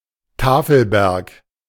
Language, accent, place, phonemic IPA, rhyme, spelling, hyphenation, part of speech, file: German, Germany, Berlin, /ˈtaːfəlbɛʁk/, -ɛʁk, Tafelberg, Ta‧fel‧berg, noun, De-Tafelberg.ogg
- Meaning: mesa